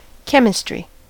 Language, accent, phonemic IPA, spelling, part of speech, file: English, US, /ˈkɛm.ɪ.stɹi/, chemistry, noun, En-us-chemistry.ogg
- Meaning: The branch of natural science that deals with the composition and constitution of substances and the changes that they undergo as a consequence of alterations in the constitution of their molecules